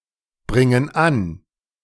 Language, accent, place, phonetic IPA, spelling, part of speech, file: German, Germany, Berlin, [ˌbʁɪŋən ˈan], bringen an, verb, De-bringen an.ogg
- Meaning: inflection of anbringen: 1. first/third-person plural present 2. first/third-person plural subjunctive I